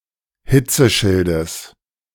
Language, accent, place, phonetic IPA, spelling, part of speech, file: German, Germany, Berlin, [ˈhɪt͡səˌʃɪldəs], Hitzeschildes, noun, De-Hitzeschildes.ogg
- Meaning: genitive singular of Hitzeschild